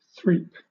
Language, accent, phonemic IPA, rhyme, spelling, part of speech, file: English, Southern England, /θɹiːp/, -iːp, threap, noun / verb, LL-Q1860 (eng)-threap.wav
- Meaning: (noun) 1. An altercation, quarrel, argument 2. An accusation or serious charge 3. Stubborn insistence 4. A superstition or freet; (verb) 1. To contradict 2. To denounce